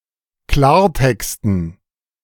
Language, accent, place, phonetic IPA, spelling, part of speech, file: German, Germany, Berlin, [ˈklaːɐ̯ˌtɛkstn̩], Klartexten, noun, De-Klartexten.ogg
- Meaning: dative plural of Klartext